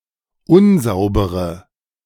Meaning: inflection of unsauber: 1. strong/mixed nominative/accusative feminine singular 2. strong nominative/accusative plural 3. weak nominative all-gender singular
- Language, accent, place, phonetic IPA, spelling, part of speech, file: German, Germany, Berlin, [ˈʊnˌzaʊ̯bəʁə], unsaubere, adjective, De-unsaubere.ogg